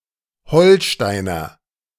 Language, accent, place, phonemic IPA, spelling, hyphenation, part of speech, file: German, Germany, Berlin, /ˈhɔlˌʃtaɪ̯nɐ/, Holsteiner, Hol‧stei‧ner, noun, De-Holsteiner.ogg
- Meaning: Holsteiner (native or inhabitant of Holstein, the southern half of the state of Schleswig-Holstein, Germany) (usually male)